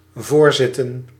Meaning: to preside, to lead a gathering
- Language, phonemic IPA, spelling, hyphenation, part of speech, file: Dutch, /ˈvoːrˌzɪ.tə(n)/, voorzitten, voor‧zit‧ten, verb, Nl-voorzitten.ogg